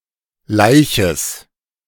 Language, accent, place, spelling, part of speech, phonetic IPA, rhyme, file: German, Germany, Berlin, Laiches, noun, [ˈlaɪ̯çəs], -aɪ̯çəs, De-Laiches.ogg
- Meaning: genitive singular of Laich